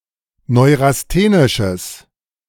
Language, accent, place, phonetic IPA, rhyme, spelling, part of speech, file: German, Germany, Berlin, [ˌnɔɪ̯ʁasˈteːnɪʃəs], -eːnɪʃəs, neurasthenisches, adjective, De-neurasthenisches.ogg
- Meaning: strong/mixed nominative/accusative neuter singular of neurasthenisch